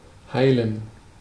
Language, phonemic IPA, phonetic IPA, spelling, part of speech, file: German, /ˈhaɪ̯lən/, [ˈhaɪ̯ln̩], heilen, verb, De-heilen.ogg
- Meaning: 1. to heal (an injury, sickness, etc.) 2. to become healed